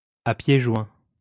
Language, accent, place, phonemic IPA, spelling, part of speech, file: French, France, Lyon, /a pje ʒwɛ̃/, à pieds joints, adverb, LL-Q150 (fra)-à pieds joints.wav
- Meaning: 1. with one's feet close together 2. headlong, without hesitation